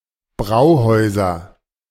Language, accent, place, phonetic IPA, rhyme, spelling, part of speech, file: German, Germany, Berlin, [ˈbʁaʊ̯ˌhɔɪ̯zɐ], -aʊ̯hɔɪ̯zɐ, Brauhäuser, noun, De-Brauhäuser.ogg
- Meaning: nominative/accusative/genitive plural of Brauhaus